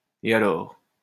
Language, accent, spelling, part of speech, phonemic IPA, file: French, France, et alors, interjection, /e a.lɔʁ/, LL-Q150 (fra)-et alors.wav
- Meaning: 1. and then? (asking for further explanation) 2. so what?